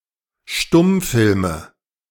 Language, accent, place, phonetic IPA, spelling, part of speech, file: German, Germany, Berlin, [ˈʃtʊmˌfɪlmə], Stummfilme, noun, De-Stummfilme.ogg
- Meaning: nominative/accusative/genitive plural of Stummfilm